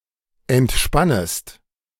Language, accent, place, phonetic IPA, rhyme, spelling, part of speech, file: German, Germany, Berlin, [ɛntˈʃpanəst], -anəst, entspannest, verb, De-entspannest.ogg
- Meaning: second-person singular subjunctive I of entspannen